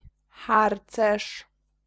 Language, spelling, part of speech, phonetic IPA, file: Polish, harcerz, noun, [ˈxart͡sɛʃ], Pl-harcerz.ogg